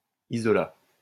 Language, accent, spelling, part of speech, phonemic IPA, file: French, France, isolat, noun, /i.zɔ.la/, LL-Q150 (fra)-isolat.wav
- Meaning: isolate